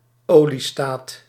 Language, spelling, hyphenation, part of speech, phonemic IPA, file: Dutch, oliestaat, olie‧staat, noun, /ˈoː.liˌstaːt/, Nl-oliestaat.ogg
- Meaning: 1. an oil state, a petrostate 2. a state of the United States that is a major producer of oil